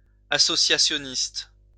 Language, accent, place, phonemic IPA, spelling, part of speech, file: French, France, Lyon, /a.sɔ.sja.sjɔ.nist/, associationniste, adjective, LL-Q150 (fra)-associationniste.wav
- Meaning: associationist